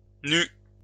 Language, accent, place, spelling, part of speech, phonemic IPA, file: French, France, Lyon, nus, adjective, /ny/, LL-Q150 (fra)-nus.wav
- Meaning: masculine plural of nu